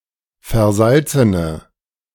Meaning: inflection of versalzen: 1. strong/mixed nominative/accusative feminine singular 2. strong nominative/accusative plural 3. weak nominative all-gender singular
- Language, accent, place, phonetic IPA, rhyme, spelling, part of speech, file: German, Germany, Berlin, [fɛɐ̯ˈzalt͡sənə], -alt͡sənə, versalzene, adjective, De-versalzene.ogg